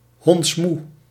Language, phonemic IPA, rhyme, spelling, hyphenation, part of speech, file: Dutch, /ɦɔntsˈmu/, -u, hondsmoe, honds‧moe, adjective, Nl-hondsmoe.ogg
- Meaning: extremely tired, very exhausted, dog-weary